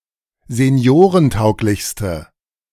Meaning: inflection of seniorentauglich: 1. strong/mixed nominative/accusative feminine singular superlative degree 2. strong nominative/accusative plural superlative degree
- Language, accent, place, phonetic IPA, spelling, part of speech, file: German, Germany, Berlin, [zeˈni̯oːʁənˌtaʊ̯klɪçstə], seniorentauglichste, adjective, De-seniorentauglichste.ogg